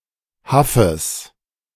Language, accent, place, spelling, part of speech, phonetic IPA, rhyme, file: German, Germany, Berlin, Haffes, noun, [ˈhafəs], -afəs, De-Haffes.ogg
- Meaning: genitive singular of Haff